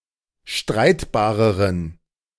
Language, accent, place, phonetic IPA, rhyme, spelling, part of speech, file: German, Germany, Berlin, [ˈʃtʁaɪ̯tbaːʁəʁən], -aɪ̯tbaːʁəʁən, streitbareren, adjective, De-streitbareren.ogg
- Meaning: inflection of streitbar: 1. strong genitive masculine/neuter singular comparative degree 2. weak/mixed genitive/dative all-gender singular comparative degree